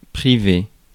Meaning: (adjective) private; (verb) past participle of priver
- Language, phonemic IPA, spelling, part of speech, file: French, /pʁi.ve/, privé, adjective / verb, Fr-privé.ogg